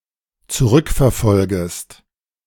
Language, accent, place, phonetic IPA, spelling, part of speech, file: German, Germany, Berlin, [t͡suˈʁʏkfɛɐ̯ˌfɔlɡəst], zurückverfolgest, verb, De-zurückverfolgest.ogg
- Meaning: second-person singular dependent subjunctive I of zurückverfolgen